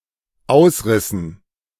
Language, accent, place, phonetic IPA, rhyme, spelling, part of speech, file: German, Germany, Berlin, [ˈaʊ̯sˌʁɪsn̩], -aʊ̯sʁɪsn̩, ausrissen, verb, De-ausrissen.ogg
- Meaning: inflection of ausreißen: 1. first/third-person plural dependent preterite 2. first/third-person plural dependent subjunctive II